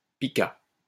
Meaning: pika
- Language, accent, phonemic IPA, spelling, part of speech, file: French, France, /pi.ka/, pika, noun, LL-Q150 (fra)-pika.wav